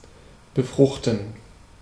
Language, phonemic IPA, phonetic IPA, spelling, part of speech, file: German, /bəˈfrʊxtən/, [bəˈfʁʊχtn̩], befruchten, verb, De-befruchten.ogg
- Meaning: 1. to fertilise/fertilize, impregnate, pollinate 2. to inspire, stimulate